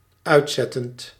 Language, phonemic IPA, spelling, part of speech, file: Dutch, /ˈœy̯tˌsɛtənt/, uitzettend, verb, Nl-uitzettend.ogg
- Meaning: present participle of uitzetten